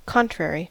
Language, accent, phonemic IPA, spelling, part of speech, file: English, US, /ˈkɑntɹɛɹi/, contrary, adjective / adverb / noun / verb, En-us-contrary.ogg
- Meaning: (adjective) 1. Opposite; in an opposite direction; in opposition; adverse 2. Opposed; contradictory; inconsistent 3. Given to opposition; perverse; wayward; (adverb) Contrarily; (noun) The opposite